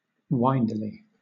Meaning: In a twisting or winding fashion
- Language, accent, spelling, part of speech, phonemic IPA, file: English, Southern England, windily, adverb, /ˈwaɪndɪli/, LL-Q1860 (eng)-windily.wav